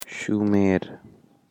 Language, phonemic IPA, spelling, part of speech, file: Pashto, /ʃuˈmer/, شومېر, proper noun, Shumer.ogg
- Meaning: Sumer